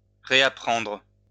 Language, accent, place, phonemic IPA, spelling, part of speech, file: French, France, Lyon, /ʁe.a.pʁɑ̃dʁ/, réapprendre, verb, LL-Q150 (fra)-réapprendre.wav
- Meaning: to relearn